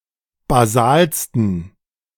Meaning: 1. superlative degree of basal 2. inflection of basal: strong genitive masculine/neuter singular superlative degree
- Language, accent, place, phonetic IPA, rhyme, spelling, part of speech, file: German, Germany, Berlin, [baˈzaːlstn̩], -aːlstn̩, basalsten, adjective, De-basalsten.ogg